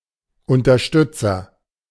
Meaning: agent noun of unterstützen; supporter, backer
- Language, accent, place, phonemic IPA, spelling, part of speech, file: German, Germany, Berlin, /ʊntɐˈʃtʏt͡sɐ/, Unterstützer, noun, De-Unterstützer.ogg